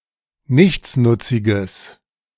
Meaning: strong/mixed nominative/accusative neuter singular of nichtsnutzig
- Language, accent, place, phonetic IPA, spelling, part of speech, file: German, Germany, Berlin, [ˈnɪçt͡snʊt͡sɪɡəs], nichtsnutziges, adjective, De-nichtsnutziges.ogg